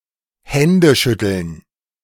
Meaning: handshaking
- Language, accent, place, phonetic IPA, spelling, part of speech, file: German, Germany, Berlin, [ˈhɛndəˌʃʏtl̩n], Händeschütteln, noun, De-Händeschütteln.ogg